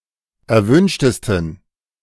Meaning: 1. superlative degree of erwünscht 2. inflection of erwünscht: strong genitive masculine/neuter singular superlative degree
- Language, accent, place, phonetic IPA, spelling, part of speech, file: German, Germany, Berlin, [ɛɐ̯ˈvʏnʃtəstn̩], erwünschtesten, adjective, De-erwünschtesten.ogg